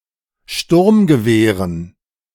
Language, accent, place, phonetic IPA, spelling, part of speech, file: German, Germany, Berlin, [ˈʃtʊʁmɡəˌveːʁən], Sturmgewehren, noun, De-Sturmgewehren.ogg
- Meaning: dative plural of Sturmgewehr